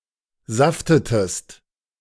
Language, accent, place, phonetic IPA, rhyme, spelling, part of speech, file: German, Germany, Berlin, [ˈzaftətəst], -aftətəst, saftetest, verb, De-saftetest.ogg
- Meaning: inflection of saften: 1. second-person singular preterite 2. second-person singular subjunctive II